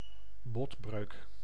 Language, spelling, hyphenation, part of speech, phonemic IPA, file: Dutch, botbreuk, bot‧breuk, noun, /ˈbɔt.brøːk/, Nl-botbreuk.ogg
- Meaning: fracture of a bone